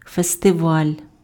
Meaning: festival
- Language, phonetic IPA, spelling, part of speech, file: Ukrainian, [festeˈʋalʲ], фестиваль, noun, Uk-фестиваль.ogg